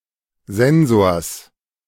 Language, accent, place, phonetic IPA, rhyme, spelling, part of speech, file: German, Germany, Berlin, [ˈzɛnzoːɐ̯s], -ɛnzoːɐ̯s, Sensors, noun, De-Sensors.ogg
- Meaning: genitive singular of Sensor